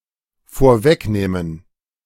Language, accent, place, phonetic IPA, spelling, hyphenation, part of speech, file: German, Germany, Berlin, [foːɐ̯ˈvɛkˌneːmən], vorwegnehmen, vor‧weg‧neh‧men, verb, De-vorwegnehmen.ogg
- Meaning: to pre-empt